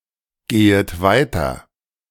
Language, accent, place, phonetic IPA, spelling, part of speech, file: German, Germany, Berlin, [ˌɡeːət ˈvaɪ̯tɐ], gehet weiter, verb, De-gehet weiter.ogg
- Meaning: second-person plural subjunctive I of weitergehen